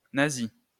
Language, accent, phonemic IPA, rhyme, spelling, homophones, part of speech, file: French, France, /na.zi/, -i, nazi, nasi / nasis / nazie / nazies / nazis, adjective / noun, LL-Q150 (fra)-nazi.wav
- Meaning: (adjective) 1. Nazi 2. alternative form of nasi (“syphilitic”)